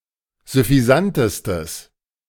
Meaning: strong/mixed nominative/accusative neuter singular superlative degree of süffisant
- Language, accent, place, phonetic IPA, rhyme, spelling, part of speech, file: German, Germany, Berlin, [zʏfiˈzantəstəs], -antəstəs, süffisantestes, adjective, De-süffisantestes.ogg